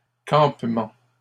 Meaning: 1. campsite 2. camping (the action of staying in a camp) 3. camping gear
- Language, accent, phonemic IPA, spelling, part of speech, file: French, Canada, /kɑ̃p.mɑ̃/, campement, noun, LL-Q150 (fra)-campement.wav